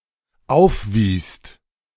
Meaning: second-person singular/plural dependent preterite of aufweisen
- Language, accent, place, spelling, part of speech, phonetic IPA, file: German, Germany, Berlin, aufwiest, verb, [ˈaʊ̯fˌviːst], De-aufwiest.ogg